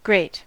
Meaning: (noun) 1. A horizontal metal grill through which liquid, ash, or small objects can fall, while larger objects cannot 2. A frame or bed, or kind of basket, of iron bars, for holding fuel while burning
- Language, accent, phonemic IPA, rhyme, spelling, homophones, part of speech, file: English, US, /ˈɡɹeɪt/, -eɪt, grate, great, noun / verb / adjective, En-us-grate.ogg